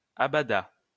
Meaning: third-person singular past historic of abader
- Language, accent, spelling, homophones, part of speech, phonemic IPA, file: French, France, abada, abadas / abadât, verb, /a.ba.da/, LL-Q150 (fra)-abada.wav